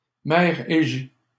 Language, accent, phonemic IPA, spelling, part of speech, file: French, Canada, /mɛʁ e.ʒe/, mer Égée, proper noun, LL-Q150 (fra)-mer Égée.wav
- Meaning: the Aegean Sea